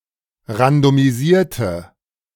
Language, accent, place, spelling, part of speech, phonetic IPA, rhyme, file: German, Germany, Berlin, randomisierte, adjective / verb, [ʁandomiˈziːɐ̯tə], -iːɐ̯tə, De-randomisierte.ogg
- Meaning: inflection of randomisiert: 1. strong/mixed nominative/accusative feminine singular 2. strong nominative/accusative plural 3. weak nominative all-gender singular